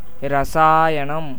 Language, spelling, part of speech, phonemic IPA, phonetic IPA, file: Tamil, இரசாயனம், noun, /ɪɾɐtʃɑːjɐnɐm/, [ɪɾɐsäːjɐnɐm], Ta-இரசாயனம்.ogg
- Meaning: 1. chemical 2. chemistry 3. poison